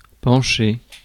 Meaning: 1. to tilt, tip up 2. to lean, list 3. to lean towards (an opinion, idea etc.); to be inclined (to do something) 4. to bend down, lean over 5. to look into
- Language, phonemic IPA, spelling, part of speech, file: French, /pɑ̃.ʃe/, pencher, verb, Fr-pencher.ogg